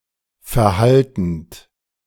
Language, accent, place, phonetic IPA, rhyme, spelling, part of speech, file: German, Germany, Berlin, [fɛɐ̯ˈhaltn̩t], -altn̩t, verhaltend, verb, De-verhaltend.ogg
- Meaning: present participle of verhalten